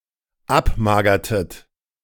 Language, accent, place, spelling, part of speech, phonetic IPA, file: German, Germany, Berlin, abmagertet, verb, [ˈapˌmaːɡɐtət], De-abmagertet.ogg
- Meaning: inflection of abmagern: 1. second-person plural dependent preterite 2. second-person plural dependent subjunctive II